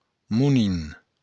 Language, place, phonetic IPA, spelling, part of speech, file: Occitan, Béarn, [muˈni], monin, noun, LL-Q14185 (oci)-monin.wav
- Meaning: monkey